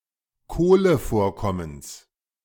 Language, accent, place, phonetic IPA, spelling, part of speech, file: German, Germany, Berlin, [ˈkoːləˌfoːɐ̯kɔməns], Kohlevorkommens, noun, De-Kohlevorkommens.ogg
- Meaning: genitive singular of Kohlevorkommen